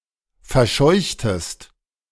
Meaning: inflection of verscheuchen: 1. second-person singular preterite 2. second-person singular subjunctive II
- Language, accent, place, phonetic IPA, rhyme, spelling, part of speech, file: German, Germany, Berlin, [fɛɐ̯ˈʃɔɪ̯çtəst], -ɔɪ̯çtəst, verscheuchtest, verb, De-verscheuchtest.ogg